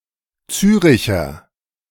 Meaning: alternative form of Zürcher
- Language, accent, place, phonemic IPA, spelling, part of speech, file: German, Germany, Berlin, /ˈt͡syːʁɪçɐ/, Züricher, noun, De-Züricher.ogg